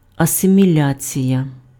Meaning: assimilation
- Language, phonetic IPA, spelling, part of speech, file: Ukrainian, [ɐsemʲiˈlʲat͡sʲijɐ], асиміляція, noun, Uk-асиміляція.ogg